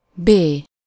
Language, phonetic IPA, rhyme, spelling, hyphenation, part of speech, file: Hungarian, [ˈbeː], -beː, bé, bé, noun / adverb, Hu-bé.ogg
- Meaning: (noun) 1. The name of the Latin script letter B/b 2. bemol, the sign ♭; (adverb) alternative form of be (“in”)